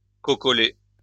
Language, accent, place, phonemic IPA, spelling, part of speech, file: French, France, Lyon, /kɔ.kɔ.le/, cocoler, verb, LL-Q150 (fra)-cocoler.wav
- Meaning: to pamper